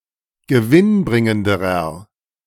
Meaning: inflection of gewinnbringend: 1. strong/mixed nominative masculine singular comparative degree 2. strong genitive/dative feminine singular comparative degree
- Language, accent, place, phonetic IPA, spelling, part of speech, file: German, Germany, Berlin, [ɡəˈvɪnˌbʁɪŋəndəʁɐ], gewinnbringenderer, adjective, De-gewinnbringenderer.ogg